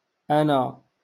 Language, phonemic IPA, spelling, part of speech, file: Moroccan Arabic, /ʔa.na/, أنا, pronoun / adverb, LL-Q56426 (ary)-أنا.wav
- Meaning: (pronoun) alternative form of آنا (ʔāna): I (first person singular subject pronoun); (adverb) which?